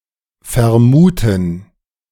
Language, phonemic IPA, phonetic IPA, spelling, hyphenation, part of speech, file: German, /fɛɐ̯ˈmuːtən/, [fɛɐ̯ˈmuːtn̩], vermuten, ver‧mu‧ten, verb, De-vermuten.ogg
- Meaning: 1. to assume, suppose, presume, suspect, (US) guess 2. to suppose someone to be